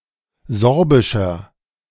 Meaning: inflection of sorbisch: 1. strong/mixed nominative masculine singular 2. strong genitive/dative feminine singular 3. strong genitive plural
- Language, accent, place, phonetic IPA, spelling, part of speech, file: German, Germany, Berlin, [ˈzɔʁbɪʃɐ], sorbischer, adjective, De-sorbischer.ogg